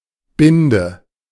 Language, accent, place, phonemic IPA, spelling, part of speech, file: German, Germany, Berlin, /ˈbɪndə/, Binde, noun, De-Binde.ogg
- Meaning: 1. bandage 2. ellipsis of Damenbinde; sanitary napkin, menstrual pad, maxi pad 3. tie